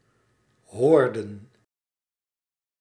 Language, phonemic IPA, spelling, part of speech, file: Dutch, /ˈhɔːrdə(n)/, hoorden, verb, Nl-hoorden.ogg
- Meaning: inflection of horen: 1. plural past indicative 2. plural past subjunctive